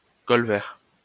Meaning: mallard
- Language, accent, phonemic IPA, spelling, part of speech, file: French, France, /kɔl.vɛʁ/, colvert, noun, LL-Q150 (fra)-colvert.wav